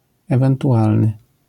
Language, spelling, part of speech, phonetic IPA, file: Polish, ewentualny, adjective, [ˌɛvɛ̃ntuˈʷalnɨ], LL-Q809 (pol)-ewentualny.wav